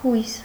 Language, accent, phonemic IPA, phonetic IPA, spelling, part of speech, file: Armenian, Eastern Armenian, /hujs/, [hujs], հույս, noun, Hy-հույս.ogg
- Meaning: hope